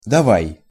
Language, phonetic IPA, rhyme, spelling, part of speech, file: Russian, [dɐˈvaj], -aj, давай, particle / verb, Ru-давай.ogg
- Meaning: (particle) 1. let's 2. to let, come on, c'mon 3. goodbye, see you; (verb) second-person singular imperative imperfective of дава́ть (davátʹ)